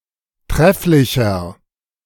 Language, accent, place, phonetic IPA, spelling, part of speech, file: German, Germany, Berlin, [ˈtʁɛflɪçɐ], trefflicher, adjective, De-trefflicher.ogg
- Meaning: 1. comparative degree of trefflich 2. inflection of trefflich: strong/mixed nominative masculine singular 3. inflection of trefflich: strong genitive/dative feminine singular